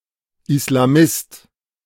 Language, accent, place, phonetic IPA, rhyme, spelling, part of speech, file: German, Germany, Berlin, [ɪslaˈmɪst], -ɪst, Islamist, noun, De-Islamist.ogg
- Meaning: islamist